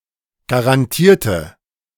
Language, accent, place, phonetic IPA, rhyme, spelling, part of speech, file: German, Germany, Berlin, [ɡaʁanˈtiːɐ̯tə], -iːɐ̯tə, garantierte, adjective / verb, De-garantierte.ogg
- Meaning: inflection of garantieren: 1. first/third-person singular preterite 2. first/third-person singular subjunctive II